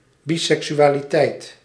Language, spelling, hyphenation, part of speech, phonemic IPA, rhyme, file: Dutch, biseksualiteit, bi‧sek‧su‧a‧li‧teit, noun, /ˌbi.sɛk.sy.aː.liˈtɛi̯t/, -ɛi̯t, Nl-biseksualiteit.ogg
- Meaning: bisexuality